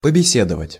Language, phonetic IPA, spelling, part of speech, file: Russian, [pəbʲɪˈsʲedəvətʲ], побеседовать, verb, Ru-побеседовать.ogg
- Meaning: to have a talk, to have a chat